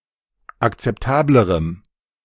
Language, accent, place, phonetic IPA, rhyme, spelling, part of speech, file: German, Germany, Berlin, [akt͡sɛpˈtaːbləʁəm], -aːbləʁəm, akzeptablerem, adjective, De-akzeptablerem.ogg
- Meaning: strong dative masculine/neuter singular comparative degree of akzeptabel